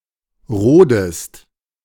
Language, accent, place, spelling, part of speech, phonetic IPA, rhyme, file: German, Germany, Berlin, rodest, verb, [ˈʁoːdəst], -oːdəst, De-rodest.ogg
- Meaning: inflection of roden: 1. second-person singular present 2. second-person singular subjunctive I